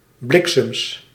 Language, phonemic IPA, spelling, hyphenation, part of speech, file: Dutch, /ˈblɪk.səms/, bliksems, blik‧sems, interjection / noun, Nl-bliksems.ogg
- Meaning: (interjection) darn!; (noun) plural of bliksem